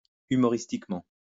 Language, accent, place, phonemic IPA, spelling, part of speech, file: French, France, Lyon, /y.mɔ.ʁis.tik.mɑ̃/, humoristiquement, adverb, LL-Q150 (fra)-humoristiquement.wav
- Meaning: funnily, humorously